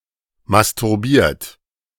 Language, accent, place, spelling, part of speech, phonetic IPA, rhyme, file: German, Germany, Berlin, masturbiert, verb, [mastʊʁˈbiːɐ̯t], -iːɐ̯t, De-masturbiert.ogg
- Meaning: 1. past participle of masturbieren 2. inflection of masturbieren: second-person plural present 3. inflection of masturbieren: third-person singular present